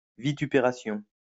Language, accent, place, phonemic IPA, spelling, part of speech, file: French, France, Lyon, /vi.ty.pe.ʁa.sjɔ̃/, vitupération, noun, LL-Q150 (fra)-vitupération.wav
- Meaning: vituperation, invective